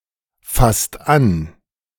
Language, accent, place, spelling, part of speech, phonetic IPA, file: German, Germany, Berlin, fasst an, verb, [ˌfast ˈan], De-fasst an.ogg
- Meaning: inflection of anfassen: 1. second/third-person singular present 2. second-person plural present 3. plural imperative